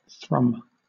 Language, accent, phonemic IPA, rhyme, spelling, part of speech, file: English, Southern England, /θɹʌm/, -ʌm, thrum, noun / verb / adjective, LL-Q1860 (eng)-thrum.wav
- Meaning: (noun) 1. A thrumming sound; a hum or vibration 2. A spicy taste; a tang; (verb) 1. To cause a steady rhythmic vibration in (something), usually by plucking 2. To make a monotonous drumming noise